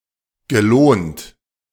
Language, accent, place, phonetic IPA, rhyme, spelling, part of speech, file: German, Germany, Berlin, [ɡəˈloːnt], -oːnt, gelohnt, verb, De-gelohnt.ogg
- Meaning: past participle of lohnen